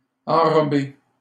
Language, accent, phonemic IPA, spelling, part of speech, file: French, Canada, /ɑ̃.ʁɔ.be/, enrober, verb, LL-Q150 (fra)-enrober.wav
- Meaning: to coat